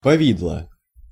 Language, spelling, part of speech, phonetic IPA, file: Russian, повидло, noun, [pɐˈvʲidɫə], Ru-повидло.ogg
- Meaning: jam, marmalade, fruit butter, fruit paste